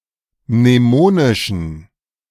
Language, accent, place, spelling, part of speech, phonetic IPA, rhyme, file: German, Germany, Berlin, mnemonischen, adjective, [mneˈmoːnɪʃn̩], -oːnɪʃn̩, De-mnemonischen.ogg
- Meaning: inflection of mnemonisch: 1. strong genitive masculine/neuter singular 2. weak/mixed genitive/dative all-gender singular 3. strong/weak/mixed accusative masculine singular 4. strong dative plural